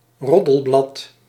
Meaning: tabloid
- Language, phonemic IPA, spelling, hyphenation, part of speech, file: Dutch, /ˈrɔ.dəlˌblɑt/, roddelblad, rod‧del‧blad, noun, Nl-roddelblad.ogg